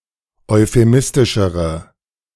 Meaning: inflection of euphemistisch: 1. strong/mixed nominative/accusative feminine singular comparative degree 2. strong nominative/accusative plural comparative degree
- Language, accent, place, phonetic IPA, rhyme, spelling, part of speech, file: German, Germany, Berlin, [ɔɪ̯feˈmɪstɪʃəʁə], -ɪstɪʃəʁə, euphemistischere, adjective, De-euphemistischere.ogg